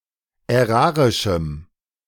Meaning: strong dative masculine/neuter singular of ärarisch
- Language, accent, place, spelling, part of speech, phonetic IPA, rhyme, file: German, Germany, Berlin, ärarischem, adjective, [ɛˈʁaːʁɪʃm̩], -aːʁɪʃm̩, De-ärarischem.ogg